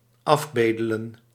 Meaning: to beg (implying that something is acquired)
- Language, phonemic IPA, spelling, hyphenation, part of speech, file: Dutch, /ˈɑfˌbeː.də.lə(n)/, afbedelen, af‧be‧de‧len, verb, Nl-afbedelen.ogg